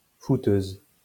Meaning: feminine singular of footeux
- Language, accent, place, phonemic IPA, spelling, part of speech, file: French, France, Lyon, /fu.tøz/, footeuse, adjective, LL-Q150 (fra)-footeuse.wav